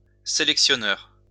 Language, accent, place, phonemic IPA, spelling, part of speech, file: French, France, Lyon, /se.lɛk.sjɔ.nœʁ/, sélectionneur, noun, LL-Q150 (fra)-sélectionneur.wav
- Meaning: manager, coach (person responsible for selecting a team, especially a national team)